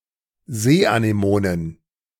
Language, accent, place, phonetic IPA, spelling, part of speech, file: German, Germany, Berlin, [ˈzeːʔaneˌmoːnən], Seeanemonen, noun, De-Seeanemonen.ogg
- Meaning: plural of Seeanemone